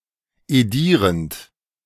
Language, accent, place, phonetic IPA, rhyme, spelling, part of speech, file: German, Germany, Berlin, [eˈdiːʁənt], -iːʁənt, edierend, verb, De-edierend.ogg
- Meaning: present participle of edieren